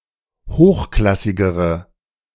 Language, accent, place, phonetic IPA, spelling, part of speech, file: German, Germany, Berlin, [ˈhoːxˌklasɪɡəʁə], hochklassigere, adjective, De-hochklassigere.ogg
- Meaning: inflection of hochklassig: 1. strong/mixed nominative/accusative feminine singular comparative degree 2. strong nominative/accusative plural comparative degree